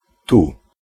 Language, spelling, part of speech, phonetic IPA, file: Polish, tu, pronoun, [tu], Pl-tu.ogg